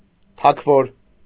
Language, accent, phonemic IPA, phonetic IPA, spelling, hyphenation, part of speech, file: Armenian, Eastern Armenian, /tʰɑkʰˈvoɾ/, [tʰɑkʰvóɾ], թագվոր, թագ‧վոր, noun, Hy-թագվոր.ogg
- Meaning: alternative form of թագավոր (tʻagavor)